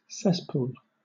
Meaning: 1. An underground pit where sewage is held 2. A filthy place
- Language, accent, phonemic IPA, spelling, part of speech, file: English, Southern England, /ˈsɛsˌpuːl/, cesspool, noun, LL-Q1860 (eng)-cesspool.wav